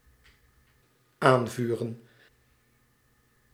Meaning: 1. to kindle, to light (a metaphorical fire) 2. to incite, to spur, to encourage 3. to cheer for
- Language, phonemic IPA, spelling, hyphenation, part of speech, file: Dutch, /ˈaːnˌvyː.rə(n)/, aanvuren, aan‧vu‧ren, verb, Nl-aanvuren.ogg